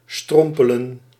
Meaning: 1. to stumble, to walk clumsily 2. to fall, to stumble
- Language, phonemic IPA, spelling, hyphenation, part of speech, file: Dutch, /ˈstrɔm.pə.lə(n)/, strompelen, strom‧pe‧len, verb, Nl-strompelen.ogg